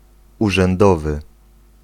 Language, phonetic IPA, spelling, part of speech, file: Polish, [ˌuʒɛ̃nˈdɔvɨ], urzędowy, adjective, Pl-urzędowy.ogg